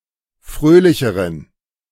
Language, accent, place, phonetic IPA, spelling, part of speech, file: German, Germany, Berlin, [ˈfʁøːlɪçəʁən], fröhlicheren, adjective, De-fröhlicheren.ogg
- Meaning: inflection of fröhlich: 1. strong genitive masculine/neuter singular comparative degree 2. weak/mixed genitive/dative all-gender singular comparative degree